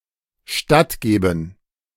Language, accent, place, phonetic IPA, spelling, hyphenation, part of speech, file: German, Germany, Berlin, [ˈʃtatˌɡeːbn̩], stattgeben, statt‧ge‧ben, verb, De-stattgeben.ogg
- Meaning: [with dative] to approve (a request)